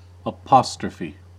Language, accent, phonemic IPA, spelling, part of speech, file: English, US, /əˈpɑs.tɹə.fi/, apostrophe, noun, En-us-apostrophe.ogg
- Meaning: The text character ’, which serves as a punctuation mark in various languages and as a diacritical mark in certain rare contexts